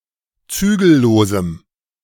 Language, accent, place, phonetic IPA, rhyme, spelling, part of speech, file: German, Germany, Berlin, [ˈt͡syːɡl̩ˌloːzm̩], -yːɡl̩loːzm̩, zügellosem, adjective, De-zügellosem.ogg
- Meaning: strong dative masculine/neuter singular of zügellos